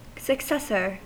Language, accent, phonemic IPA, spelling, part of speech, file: English, US, /səkˈsɛsɚ/, successor, noun, En-us-successor.ogg
- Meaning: 1. A person or thing that immediately follows another in holding an office or title 2. The next heir in order or succession 3. A person who inherits a title or office